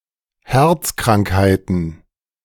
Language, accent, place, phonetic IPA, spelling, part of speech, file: German, Germany, Berlin, [ˈhɛʁt͡skʁaŋkhaɪ̯tn̩], Herzkrankheiten, noun, De-Herzkrankheiten.ogg
- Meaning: plural of Herzkrankheit